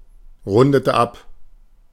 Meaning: inflection of abrunden: 1. first/third-person singular preterite 2. first/third-person singular subjunctive II
- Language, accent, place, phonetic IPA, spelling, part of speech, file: German, Germany, Berlin, [ˌʁʊndətə ˈap], rundete ab, verb, De-rundete ab.ogg